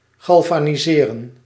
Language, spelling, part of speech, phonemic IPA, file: Dutch, galvaniseren, verb, /ɣɑlvaːniˈzeːrə(n)/, Nl-galvaniseren.ogg
- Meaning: to galvanize